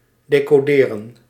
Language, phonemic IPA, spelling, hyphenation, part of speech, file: Dutch, /deːkoːˈdeːrə(n)/, decoderen, de‧co‧de‧ren, verb, Nl-decoderen.ogg
- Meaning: 1. to decode, to transpose a coded message in (intel)legible form 2. to apply technological reversal of encryption, e.g. convert a compressed signal into the final (and original) form